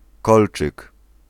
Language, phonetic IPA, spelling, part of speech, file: Polish, [ˈkɔlt͡ʃɨk], kolczyk, noun, Pl-kolczyk.ogg